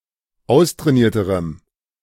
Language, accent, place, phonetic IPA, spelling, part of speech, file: German, Germany, Berlin, [ˈaʊ̯stʁɛːˌniːɐ̯təʁəm], austrainierterem, adjective, De-austrainierterem.ogg
- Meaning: strong dative masculine/neuter singular comparative degree of austrainiert